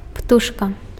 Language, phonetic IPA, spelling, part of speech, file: Belarusian, [ˈptuʂka], птушка, noun, Be-птушка.ogg
- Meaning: bird